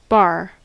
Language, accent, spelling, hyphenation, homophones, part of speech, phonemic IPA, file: English, US, bar, bar, baa, noun / verb / preposition / adverb, /bɑɹ/, En-us-bar.ogg
- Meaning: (noun) A solid, more or less rigid object of metal or wood with a uniform cross-section smaller than its length